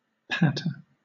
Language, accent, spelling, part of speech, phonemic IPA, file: English, Southern England, patter, noun / verb, /ˈpæt.ə/, LL-Q1860 (eng)-patter.wav
- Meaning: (noun) A soft repeated sound, as of rain falling, or feet walking on a hard surface; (verb) To make irregularly repeated sounds of low-to-moderate magnitude and lower-than-average pitch